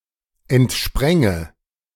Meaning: first/third-person singular subjunctive II of entspringen
- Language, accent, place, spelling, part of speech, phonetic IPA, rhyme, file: German, Germany, Berlin, entspränge, verb, [ɛntˈʃpʁɛŋə], -ɛŋə, De-entspränge.ogg